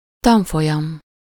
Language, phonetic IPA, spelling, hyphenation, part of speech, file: Hungarian, [ˈtɒɱfojɒm], tanfolyam, tan‧fo‧lyam, noun, Hu-tanfolyam.ogg
- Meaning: course (a training course)